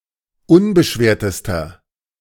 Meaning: inflection of unbeschwert: 1. strong/mixed nominative masculine singular superlative degree 2. strong genitive/dative feminine singular superlative degree 3. strong genitive plural superlative degree
- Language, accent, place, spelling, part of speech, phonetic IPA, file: German, Germany, Berlin, unbeschwertester, adjective, [ˈʊnbəˌʃveːɐ̯təstɐ], De-unbeschwertester.ogg